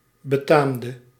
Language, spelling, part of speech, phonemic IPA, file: Dutch, betaamde, verb, /bəˈtamdə/, Nl-betaamde.ogg
- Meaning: inflection of betamen: 1. singular past indicative 2. singular past subjunctive